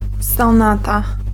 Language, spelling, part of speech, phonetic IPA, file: Polish, sonata, noun, [sɔ̃ˈnata], Pl-sonata.ogg